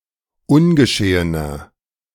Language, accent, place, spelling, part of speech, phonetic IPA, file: German, Germany, Berlin, ungeschehener, adjective, [ˈʊnɡəˌʃeːənɐ], De-ungeschehener.ogg
- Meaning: inflection of ungeschehen: 1. strong/mixed nominative masculine singular 2. strong genitive/dative feminine singular 3. strong genitive plural